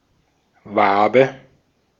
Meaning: honeycomb
- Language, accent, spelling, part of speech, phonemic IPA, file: German, Austria, Wabe, noun, /ˈvaːbə/, De-at-Wabe.ogg